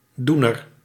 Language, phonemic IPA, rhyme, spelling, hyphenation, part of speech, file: Dutch, /ˈdu.nər/, -unər, doener, doe‧ner, noun, Nl-doener.ogg
- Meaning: 1. agent noun of doen 2. a hands-on person, someone who prefers practical activity over talk or theory